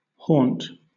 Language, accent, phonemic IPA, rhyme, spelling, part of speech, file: English, Southern England, /hɔːnt/, -ɔːnt, haunt, verb / noun, LL-Q1860 (eng)-haunt.wav
- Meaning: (verb) 1. To inhabit or to visit frequently (most often used in reference to ghosts) 2. To make uneasy, restless 3. To stalk; to follow 4. To live habitually; to stay, to remain